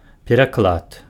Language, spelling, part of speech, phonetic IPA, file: Belarusian, пераклад, noun, [pʲerakˈɫat], Be-пераклад.ogg
- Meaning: translation, version